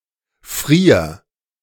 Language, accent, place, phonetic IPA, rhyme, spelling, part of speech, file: German, Germany, Berlin, [fʁiːɐ̯], -iːɐ̯, frier, verb, De-frier.ogg
- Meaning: singular imperative of frieren